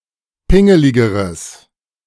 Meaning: strong/mixed nominative/accusative neuter singular comparative degree of pingelig
- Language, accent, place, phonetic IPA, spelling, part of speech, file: German, Germany, Berlin, [ˈpɪŋəlɪɡəʁəs], pingeligeres, adjective, De-pingeligeres.ogg